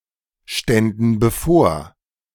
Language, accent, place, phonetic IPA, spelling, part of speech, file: German, Germany, Berlin, [ˌʃtɛndn̩ bəˈfoːɐ̯], ständen bevor, verb, De-ständen bevor.ogg
- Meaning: first/third-person plural subjunctive II of bevorstehen